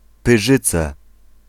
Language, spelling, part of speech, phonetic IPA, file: Polish, Pyrzyce, proper noun, [pɨˈʒɨt͡sɛ], Pl-Pyrzyce.ogg